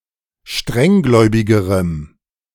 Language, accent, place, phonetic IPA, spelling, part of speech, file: German, Germany, Berlin, [ˈʃtʁɛŋˌɡlɔɪ̯bɪɡəʁəm], strenggläubigerem, adjective, De-strenggläubigerem.ogg
- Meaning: strong dative masculine/neuter singular comparative degree of strenggläubig